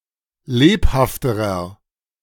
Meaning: inflection of lebhaft: 1. strong/mixed nominative masculine singular comparative degree 2. strong genitive/dative feminine singular comparative degree 3. strong genitive plural comparative degree
- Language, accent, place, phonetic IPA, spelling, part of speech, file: German, Germany, Berlin, [ˈleːphaftəʁɐ], lebhafterer, adjective, De-lebhafterer.ogg